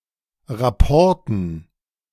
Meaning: dative plural of Rapport
- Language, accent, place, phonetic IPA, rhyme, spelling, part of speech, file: German, Germany, Berlin, [ʁaˈpɔʁtn̩], -ɔʁtn̩, Rapporten, noun, De-Rapporten.ogg